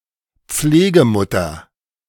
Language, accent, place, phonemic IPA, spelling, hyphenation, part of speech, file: German, Germany, Berlin, /ˈp͡fleːɡəˌmʊtɐ/, Pflegemutter, Pfle‧ge‧mut‧ter, noun, De-Pflegemutter.ogg
- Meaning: foster mother